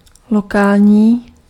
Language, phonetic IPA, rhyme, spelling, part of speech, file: Czech, [ˈlokaːlɲiː], -aːlɲiː, lokální, adjective, Cs-lokální.ogg
- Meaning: local